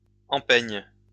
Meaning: shoe upper
- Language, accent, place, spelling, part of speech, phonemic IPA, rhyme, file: French, France, Lyon, empeigne, noun, /ɑ̃.pɛɲ/, -ɛɲ, LL-Q150 (fra)-empeigne.wav